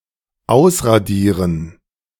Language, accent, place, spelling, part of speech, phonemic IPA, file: German, Germany, Berlin, ausradieren, verb, /ˈaʊ̯sʁaˌdiːʁən/, De-ausradieren.ogg
- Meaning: 1. to rub out (remove with a rubber) 2. to eradicate, to destroy utterly (especially a city by means of bombing)